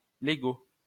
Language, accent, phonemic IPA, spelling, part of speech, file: French, France, /le.ɡo/, Lego, noun, LL-Q150 (fra)-Lego.wav
- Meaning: Lego